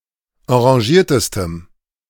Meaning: strong dative masculine/neuter singular superlative degree of enragiert
- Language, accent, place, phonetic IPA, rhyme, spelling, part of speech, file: German, Germany, Berlin, [ɑ̃ʁaˈʒiːɐ̯təstəm], -iːɐ̯təstəm, enragiertestem, adjective, De-enragiertestem.ogg